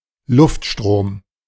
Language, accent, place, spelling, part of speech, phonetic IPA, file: German, Germany, Berlin, Luftstrom, noun, [ˈlʊftˌʃtʁoːm], De-Luftstrom.ogg
- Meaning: airflow, airstream